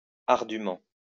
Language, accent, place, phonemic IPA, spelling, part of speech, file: French, France, Lyon, /aʁ.dy.mɑ̃/, ardûment, adverb, LL-Q150 (fra)-ardûment.wav
- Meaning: 1. steeply 2. arduously, difficultly